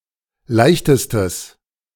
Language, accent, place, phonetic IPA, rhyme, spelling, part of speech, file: German, Germany, Berlin, [ˈlaɪ̯çtəstəs], -aɪ̯çtəstəs, leichtestes, adjective, De-leichtestes.ogg
- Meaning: strong/mixed nominative/accusative neuter singular superlative degree of leicht